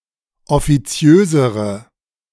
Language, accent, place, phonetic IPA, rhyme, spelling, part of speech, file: German, Germany, Berlin, [ɔfiˈt͡si̯øːzəʁə], -øːzəʁə, offiziösere, adjective, De-offiziösere.ogg
- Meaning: inflection of offiziös: 1. strong/mixed nominative/accusative feminine singular comparative degree 2. strong nominative/accusative plural comparative degree